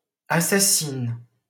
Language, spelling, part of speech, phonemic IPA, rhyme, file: French, assassine, adjective / noun / verb, /a.sa.sin/, -in, LL-Q150 (fra)-assassine.wav
- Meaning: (adjective) feminine singular of assassin; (noun) female equivalent of assassin; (verb) inflection of assassiner: first/third-person singular present indicative/subjunctive